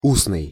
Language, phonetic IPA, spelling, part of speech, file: Russian, [ˈusnɨj], устный, adjective, Ru-устный.ogg
- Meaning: 1. oral, verbal 2. spoken (as opposite to written)